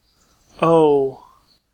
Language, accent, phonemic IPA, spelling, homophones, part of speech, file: English, General American, /ˈoʊ/, o, O / oh, character / numeral / noun, En-us-o.ogg
- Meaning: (character) The fifteenth letter of the English alphabet, called o and written in the Latin script